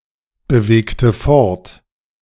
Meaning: inflection of fortbewegen: 1. first/third-person singular preterite 2. first/third-person singular subjunctive II
- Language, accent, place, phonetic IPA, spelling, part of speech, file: German, Germany, Berlin, [bəˌveːktə ˈfɔʁt], bewegte fort, verb, De-bewegte fort.ogg